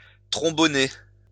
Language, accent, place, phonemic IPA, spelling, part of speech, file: French, France, Lyon, /tʁɔ̃.bɔ.ne/, tromboner, verb, LL-Q150 (fra)-tromboner.wav
- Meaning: to fuck (of a female, to have sex)